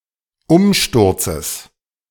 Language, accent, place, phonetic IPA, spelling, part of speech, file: German, Germany, Berlin, [ˈʊmˌʃtʊʁt͡səs], Umsturzes, noun, De-Umsturzes.ogg
- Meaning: genitive of Umsturz